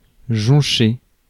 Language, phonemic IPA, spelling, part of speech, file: French, /ʒɔ̃.ʃe/, joncher, verb, Fr-joncher.ogg
- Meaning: 1. to scatter, sprinkle (e.g. flowers) 2. to cover, litter, to be strewn over (be widespread, be sprawled across/around)